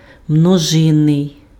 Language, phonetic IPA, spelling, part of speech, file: Ukrainian, [mnɔˈʒɪnːei̯], множинний, adjective, Uk-множинний.ogg
- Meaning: plural